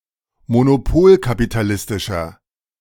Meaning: inflection of monopolkapitalistisch: 1. strong/mixed nominative masculine singular 2. strong genitive/dative feminine singular 3. strong genitive plural
- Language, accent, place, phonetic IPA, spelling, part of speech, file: German, Germany, Berlin, [monoˈpoːlkapitaˌlɪstɪʃɐ], monopolkapitalistischer, adjective, De-monopolkapitalistischer.ogg